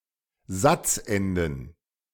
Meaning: plural of Satzende
- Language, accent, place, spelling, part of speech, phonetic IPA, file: German, Germany, Berlin, Satzenden, noun, [ˈzat͡sˌʔɛndn̩], De-Satzenden.ogg